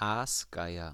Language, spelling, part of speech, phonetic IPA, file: German, Aasgeier, noun, [ˈaːsˌɡaɪ̯ɐ], De-Aasgeier.ogg
- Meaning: 1. vulture (especially the Egyptian vulture or the griffon vulture) 2. vulture in the figurative sense, one who profits off of the suffering of others